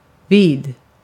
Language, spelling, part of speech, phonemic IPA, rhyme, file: Swedish, vid, adjective / preposition, /viːd/, -iːd, Sv-vid.ogg
- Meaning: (adjective) wide (having great width); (preposition) 1. next to, beside, by, at (indicating proximity) 2. at (indicating time) 3. by (indicating an oath) 4. to (indicating attachment) 5. in, during